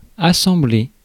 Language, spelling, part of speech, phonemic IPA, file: French, assembler, verb, /a.sɑ̃.ble/, Fr-assembler.ogg
- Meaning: to assemble